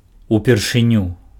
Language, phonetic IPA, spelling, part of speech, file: Belarusian, [upʲerʂɨˈnʲu], упершыню, adverb, Be-упершыню.ogg
- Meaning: for the first time